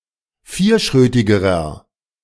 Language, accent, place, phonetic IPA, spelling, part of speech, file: German, Germany, Berlin, [ˈfiːɐ̯ˌʃʁøːtɪɡəʁɐ], vierschrötigerer, adjective, De-vierschrötigerer.ogg
- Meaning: inflection of vierschrötig: 1. strong/mixed nominative masculine singular comparative degree 2. strong genitive/dative feminine singular comparative degree 3. strong genitive plural comparative degree